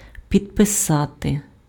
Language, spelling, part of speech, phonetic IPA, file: Ukrainian, підписати, verb, [pʲidpeˈsate], Uk-підписати.ogg
- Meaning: to sign (write one's signature on)